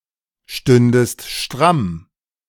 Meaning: second-person singular subjunctive II of strammstehen
- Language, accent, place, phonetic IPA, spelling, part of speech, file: German, Germany, Berlin, [ˌʃtʏndəst ˈʃtʁam], stündest stramm, verb, De-stündest stramm.ogg